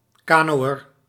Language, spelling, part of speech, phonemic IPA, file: Dutch, kanoër, noun, /ˈkaː.noː.ər/, Nl-kanoër.ogg
- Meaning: a person who sails in a canoe